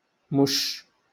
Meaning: cat
- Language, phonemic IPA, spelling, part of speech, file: Moroccan Arabic, /muʃː/, مش, noun, LL-Q56426 (ary)-مش.wav